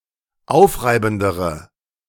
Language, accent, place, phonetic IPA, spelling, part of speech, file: German, Germany, Berlin, [ˈaʊ̯fˌʁaɪ̯bn̩dəʁə], aufreibendere, adjective, De-aufreibendere.ogg
- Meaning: inflection of aufreibend: 1. strong/mixed nominative/accusative feminine singular comparative degree 2. strong nominative/accusative plural comparative degree